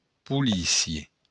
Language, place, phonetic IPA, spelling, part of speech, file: Occitan, Béarn, [puˈli.sjɒ], polícia, noun, LL-Q14185 (oci)-polícia.wav
- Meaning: police